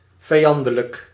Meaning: hostile, inimical
- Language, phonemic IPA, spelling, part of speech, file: Dutch, /vɛi̯ˈɑndələk/, vijandelijk, adjective, Nl-vijandelijk.ogg